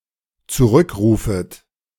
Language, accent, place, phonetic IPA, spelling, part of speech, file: German, Germany, Berlin, [t͡suˈʁʏkˌʁuːfət], zurückrufet, verb, De-zurückrufet.ogg
- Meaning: second-person plural dependent subjunctive I of zurückrufen